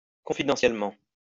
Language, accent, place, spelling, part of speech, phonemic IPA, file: French, France, Lyon, confidentiellement, adverb, /kɔ̃.fi.dɑ̃.sjɛl.mɑ̃/, LL-Q150 (fra)-confidentiellement.wav
- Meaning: confidentially